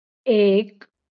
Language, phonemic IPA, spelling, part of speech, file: Marathi, /ek/, एक, numeral, LL-Q1571 (mar)-एक.wav
- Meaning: one